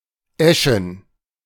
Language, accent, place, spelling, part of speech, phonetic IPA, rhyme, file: German, Germany, Berlin, Eschen, proper noun / noun, [ˈɛʃn̩], -ɛʃn̩, De-Eschen.ogg
- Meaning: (proper noun) 1. a municipality of Liechtenstein 2. A village in the Moselle department of Lothringen; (noun) plural of Esche